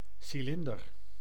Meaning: 1. cylinder (geometric three-dimensional solid shape) 2. certain objects of (roughly) cylindrical shape, e.g. a top hat 3. cylinder (of an engine)
- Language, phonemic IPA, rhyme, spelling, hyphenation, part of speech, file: Dutch, /ˌsiˈlɪn.dər/, -ɪndər, cilinder, ci‧lin‧der, noun, Nl-cilinder.ogg